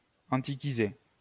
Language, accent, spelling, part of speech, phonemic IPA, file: French, France, antiquiser, verb, /ɑ̃.ti.ki.ze/, LL-Q150 (fra)-antiquiser.wav
- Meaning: to antiquate